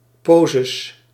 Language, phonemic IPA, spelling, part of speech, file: Dutch, /ˈpozəs/, poses, noun, Nl-poses.ogg
- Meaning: plural of pose